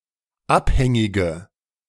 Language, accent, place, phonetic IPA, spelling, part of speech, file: German, Germany, Berlin, [ˈapˌhɛŋɪɡə], abhängige, adjective, De-abhängige.ogg
- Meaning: inflection of abhängig: 1. strong/mixed nominative/accusative feminine singular 2. strong nominative/accusative plural 3. weak nominative all-gender singular